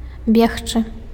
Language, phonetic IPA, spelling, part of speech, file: Belarusian, [ˈbʲext͡ʂɨ], бегчы, verb, Be-бегчы.ogg
- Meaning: to run